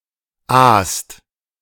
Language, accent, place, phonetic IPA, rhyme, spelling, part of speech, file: German, Germany, Berlin, [aːst], -aːst, aast, verb, De-aast.ogg
- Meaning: inflection of aasen: 1. second/third-person singular present 2. second-person plural present 3. plural imperative